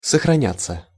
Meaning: 1. to remain intact, to last out 2. to be well preserved (of a person) 3. passive of сохраня́ть (soxranjátʹ)
- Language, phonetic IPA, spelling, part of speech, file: Russian, [səxrɐˈnʲat͡sːə], сохраняться, verb, Ru-сохраняться.ogg